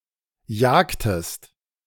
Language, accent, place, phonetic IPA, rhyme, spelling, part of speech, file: German, Germany, Berlin, [ˈjaːktəst], -aːktəst, jagtest, verb, De-jagtest.ogg
- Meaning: inflection of jagen: 1. second-person singular preterite 2. second-person singular subjunctive II